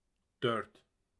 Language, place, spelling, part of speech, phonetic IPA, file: Azerbaijani, Baku, dörd, numeral, [dœɾt], Az-az-dörd.ogg
- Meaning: four